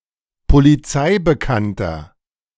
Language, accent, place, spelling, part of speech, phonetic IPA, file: German, Germany, Berlin, polizeibekannter, adjective, [poliˈt͡saɪ̯bəˌkantɐ], De-polizeibekannter.ogg
- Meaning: 1. comparative degree of polizeibekannt 2. inflection of polizeibekannt: strong/mixed nominative masculine singular 3. inflection of polizeibekannt: strong genitive/dative feminine singular